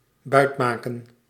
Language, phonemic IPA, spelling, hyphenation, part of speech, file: Dutch, /ˈbœy̯tmaːkə(n)/, buitmaken, buit‧ma‧ken, verb, Nl-buitmaken.ogg
- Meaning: to acquire through force, to capture, to loot